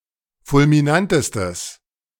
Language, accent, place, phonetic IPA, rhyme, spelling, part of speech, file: German, Germany, Berlin, [fʊlmiˈnantəstəs], -antəstəs, fulminantestes, adjective, De-fulminantestes.ogg
- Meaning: strong/mixed nominative/accusative neuter singular superlative degree of fulminant